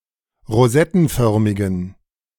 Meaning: inflection of rosettenförmig: 1. strong genitive masculine/neuter singular 2. weak/mixed genitive/dative all-gender singular 3. strong/weak/mixed accusative masculine singular 4. strong dative plural
- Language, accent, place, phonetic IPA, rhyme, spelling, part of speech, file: German, Germany, Berlin, [ʁoˈzɛtn̩ˌfœʁmɪɡn̩], -ɛtn̩fœʁmɪɡn̩, rosettenförmigen, adjective, De-rosettenförmigen.ogg